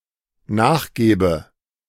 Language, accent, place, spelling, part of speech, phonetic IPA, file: German, Germany, Berlin, nachgäbe, verb, [ˈnaːxˌɡɛːbə], De-nachgäbe.ogg
- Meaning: first/third-person singular dependent subjunctive II of nachgeben